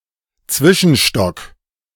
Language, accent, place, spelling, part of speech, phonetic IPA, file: German, Germany, Berlin, Zwischenstock, noun, [ˈt͡svɪʃn̩ˌʃtɔk], De-Zwischenstock.ogg
- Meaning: mezzanine, entresol